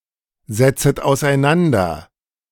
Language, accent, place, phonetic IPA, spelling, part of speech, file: German, Germany, Berlin, [zɛt͡sət aʊ̯sʔaɪ̯ˈnandɐ], setzet auseinander, verb, De-setzet auseinander.ogg
- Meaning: second-person plural subjunctive I of auseinandersetzen